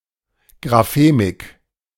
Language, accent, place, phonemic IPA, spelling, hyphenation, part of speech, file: German, Germany, Berlin, /ɡʁaˈfeːmɪk/, Graphemik, Gra‧phe‧mik, noun, De-Graphemik.ogg
- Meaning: graphemics